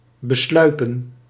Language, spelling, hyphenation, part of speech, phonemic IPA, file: Dutch, besluipen, be‧slui‧pen, verb, /bəˈslœy̯pə(n)/, Nl-besluipen.ogg
- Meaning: 1. to sneak up on, stalk, to approach using stealth 2. to bother constantly, to harass